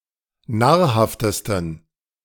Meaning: 1. superlative degree of nahrhaft 2. inflection of nahrhaft: strong genitive masculine/neuter singular superlative degree
- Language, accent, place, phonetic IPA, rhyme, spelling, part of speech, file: German, Germany, Berlin, [ˈnaːɐ̯ˌhaftəstn̩], -aːɐ̯haftəstn̩, nahrhaftesten, adjective, De-nahrhaftesten.ogg